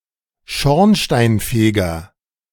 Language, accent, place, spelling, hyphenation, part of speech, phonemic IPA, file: German, Germany, Berlin, Schornsteinfeger, Schorn‧stein‧fe‧ger, noun, /ˈʃɔʁnʃtaɪnˌfeːɡɐ/, De-Schornsteinfeger.ogg
- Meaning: chimney sweep